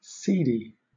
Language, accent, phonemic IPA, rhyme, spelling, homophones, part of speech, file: English, Southern England, /ˈsiːdiː/, -iːdi, cedi, seedy, noun, LL-Q1860 (eng)-cedi.wav
- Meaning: The currency of Ghana, divided into 100 pesewas and represented by ₵